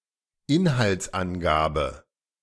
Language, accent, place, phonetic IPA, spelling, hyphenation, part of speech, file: German, Germany, Berlin, [ˈɪnhalt͡sˌʔanɡaːbə], Inhaltsangabe, In‧halts‧an‧ga‧be, noun, De-Inhaltsangabe.ogg
- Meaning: content summary, précis